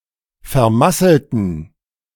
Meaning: inflection of vermasseln: 1. first/third-person plural preterite 2. first/third-person plural subjunctive II
- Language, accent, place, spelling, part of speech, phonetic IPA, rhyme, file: German, Germany, Berlin, vermasselten, adjective / verb, [fɛɐ̯ˈmasl̩tn̩], -asl̩tn̩, De-vermasselten.ogg